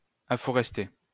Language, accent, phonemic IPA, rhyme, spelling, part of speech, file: French, France, /a.fɔ.ʁɛs.te/, -e, afforester, verb, LL-Q150 (fra)-afforester.wav
- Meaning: to afforest (grant the right to hunt in a forest)